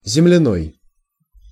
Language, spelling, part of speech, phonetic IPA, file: Russian, земляной, adjective, [zʲɪmlʲɪˈnoj], Ru-земляной.ogg
- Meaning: 1. earth 2. earthen